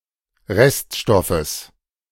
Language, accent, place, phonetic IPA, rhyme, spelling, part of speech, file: German, Germany, Berlin, [ˈʁɛstˌʃtɔfəs], -ɛstʃtɔfəs, Reststoffes, noun, De-Reststoffes.ogg
- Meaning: genitive singular of Reststoff